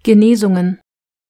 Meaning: plural of Genesung
- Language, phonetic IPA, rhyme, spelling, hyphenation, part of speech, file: German, [ɡəˈneːzʊŋən], -eːzʊŋən, Genesungen, Ge‧ne‧sung‧en, noun, DE-Genesungen.ogg